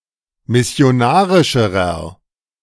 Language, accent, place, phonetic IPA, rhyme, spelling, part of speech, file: German, Germany, Berlin, [mɪsi̯oˈnaːʁɪʃəʁɐ], -aːʁɪʃəʁɐ, missionarischerer, adjective, De-missionarischerer.ogg
- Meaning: inflection of missionarisch: 1. strong/mixed nominative masculine singular comparative degree 2. strong genitive/dative feminine singular comparative degree